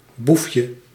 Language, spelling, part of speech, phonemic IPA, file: Dutch, boefje, noun, /ˈbufjə/, Nl-boefje.ogg
- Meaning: diminutive of boef